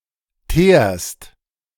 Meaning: second-person singular present of teeren
- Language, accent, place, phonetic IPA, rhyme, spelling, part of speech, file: German, Germany, Berlin, [teːɐ̯st], -eːɐ̯st, teerst, verb, De-teerst.ogg